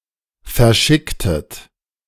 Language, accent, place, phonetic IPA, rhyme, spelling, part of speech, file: German, Germany, Berlin, [fɛɐ̯ˈʃɪktət], -ɪktət, verschicktet, verb, De-verschicktet.ogg
- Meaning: inflection of verschicken: 1. second-person plural preterite 2. second-person plural subjunctive II